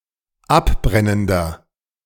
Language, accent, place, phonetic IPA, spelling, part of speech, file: German, Germany, Berlin, [ˈapˌbʁɛnəndɐ], abbrennender, adjective, De-abbrennender.ogg
- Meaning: inflection of abbrennend: 1. strong/mixed nominative masculine singular 2. strong genitive/dative feminine singular 3. strong genitive plural